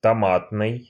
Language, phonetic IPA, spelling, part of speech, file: Russian, [tɐˈmatnɨj], томатный, adjective, Ru-томатный.ogg
- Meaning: tomato